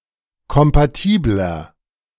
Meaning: 1. comparative degree of kompatibel 2. inflection of kompatibel: strong/mixed nominative masculine singular 3. inflection of kompatibel: strong genitive/dative feminine singular
- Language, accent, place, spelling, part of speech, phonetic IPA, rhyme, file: German, Germany, Berlin, kompatibler, adjective, [kɔmpaˈtiːblɐ], -iːblɐ, De-kompatibler.ogg